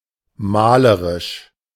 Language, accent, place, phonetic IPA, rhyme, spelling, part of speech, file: German, Germany, Berlin, [ˈmaːləʁɪʃ], -aːləʁɪʃ, malerisch, adjective, De-malerisch.ogg
- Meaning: 1. painting; painterly 2. picturesque; scenic